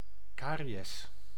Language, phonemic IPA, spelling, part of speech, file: Dutch, /ˈkaː.ri.ɛs/, cariës, noun, Nl-cariës.ogg
- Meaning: caries